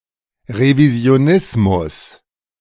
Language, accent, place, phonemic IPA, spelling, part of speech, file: German, Germany, Berlin, /ʁevizjoːˈnɪsmʊs/, Revisionismus, noun, De-Revisionismus.ogg
- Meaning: revisionism